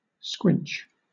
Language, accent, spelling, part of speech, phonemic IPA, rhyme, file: English, Southern England, squinch, noun / verb, /skwɪnt͡ʃ/, -ɪntʃ, LL-Q1860 (eng)-squinch.wav
- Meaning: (noun) A structure constructed between two adjacent walls to aid in the transition from a polygonal to a circular structure, as when a dome is constructed on top of a square room